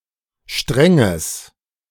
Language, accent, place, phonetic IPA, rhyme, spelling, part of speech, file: German, Germany, Berlin, [ˈʃtʁɛŋəs], -ɛŋəs, strenges, adjective, De-strenges.ogg
- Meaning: strong/mixed nominative/accusative neuter singular of streng